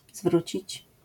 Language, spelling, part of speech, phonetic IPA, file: Polish, zwrócić, verb, [ˈzvrut͡ɕit͡ɕ], LL-Q809 (pol)-zwrócić.wav